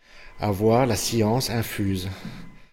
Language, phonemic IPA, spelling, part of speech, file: French, /a.vwaʁ la sjɑ̃s ɛ̃.fyz/, avoir la science infuse, verb, Fr-avoir la science infuse.ogg
- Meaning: to have innate knowledge, to know everything without having learnt it first, to be all-knowing, to be omniscient